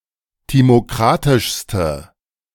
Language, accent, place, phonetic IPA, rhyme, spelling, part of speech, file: German, Germany, Berlin, [ˌtimoˈkʁatɪʃstə], -atɪʃstə, timokratischste, adjective, De-timokratischste.ogg
- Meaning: inflection of timokratisch: 1. strong/mixed nominative/accusative feminine singular superlative degree 2. strong nominative/accusative plural superlative degree